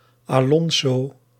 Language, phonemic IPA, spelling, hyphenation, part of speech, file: Dutch, /aːˈlɔn.zoː/, Alonso, Alon‧so, proper noun, Nl-Alonso.ogg
- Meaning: a male given name, equivalent to English Alfonso